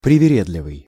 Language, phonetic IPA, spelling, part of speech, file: Russian, [prʲɪvʲɪˈrʲedlʲɪvɨj], привередливый, adjective, Ru-привередливый.ogg
- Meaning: picky, choosy, hard to please, fastidious, squeamish, excessively particular